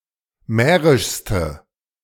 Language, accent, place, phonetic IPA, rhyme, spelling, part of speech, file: German, Germany, Berlin, [ˈmɛːʁɪʃstə], -ɛːʁɪʃstə, mährischste, adjective, De-mährischste.ogg
- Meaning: inflection of mährisch: 1. strong/mixed nominative/accusative feminine singular superlative degree 2. strong nominative/accusative plural superlative degree